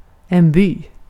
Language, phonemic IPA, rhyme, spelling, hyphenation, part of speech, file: Swedish, /byː/, -yː, by, by, noun, Sv-by.ogg
- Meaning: 1. hamlet 2. village 3. farm 4. town, city 5. Rinkeby 6. gust, rush of wind